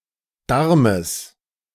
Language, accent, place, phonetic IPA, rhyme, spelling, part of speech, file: German, Germany, Berlin, [ˈdaʁməs], -aʁməs, Darmes, noun, De-Darmes.ogg
- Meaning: genitive singular of Darm